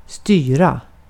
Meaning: 1. govern, rule, control 2. steer, navigate, direct 3. to govern; to require that a certain grammatical case, preposition etc. be used with a word
- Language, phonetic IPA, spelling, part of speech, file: Swedish, [ˈstŷːrä], styra, verb, Sv-styra.ogg